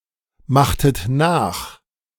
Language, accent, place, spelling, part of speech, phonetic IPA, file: German, Germany, Berlin, machtet nach, verb, [ˌmaxtət ˈnaːx], De-machtet nach.ogg
- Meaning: inflection of nachmachen: 1. second-person plural preterite 2. second-person plural subjunctive II